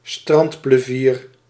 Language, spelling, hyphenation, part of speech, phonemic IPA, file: Dutch, strandplevier, strand‧ple‧vier, noun, /ˈstrɑnt.pləˌviːr/, Nl-strandplevier.ogg
- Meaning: Kentish plover (Charadrius alexandrinus)